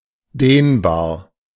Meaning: 1. ductile, tensile 2. elastic, stretchy
- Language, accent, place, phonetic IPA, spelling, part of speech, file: German, Germany, Berlin, [ˈdeːnbaːɐ̯], dehnbar, adjective, De-dehnbar.ogg